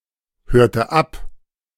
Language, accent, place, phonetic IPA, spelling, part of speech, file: German, Germany, Berlin, [ˌhøːɐ̯tə ˈap], hörte ab, verb, De-hörte ab.ogg
- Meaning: inflection of abhören: 1. first/third-person singular preterite 2. first/third-person singular subjunctive II